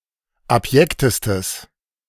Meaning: strong/mixed nominative/accusative neuter singular superlative degree of abjekt
- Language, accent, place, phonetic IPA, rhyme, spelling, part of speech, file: German, Germany, Berlin, [apˈjɛktəstəs], -ɛktəstəs, abjektestes, adjective, De-abjektestes.ogg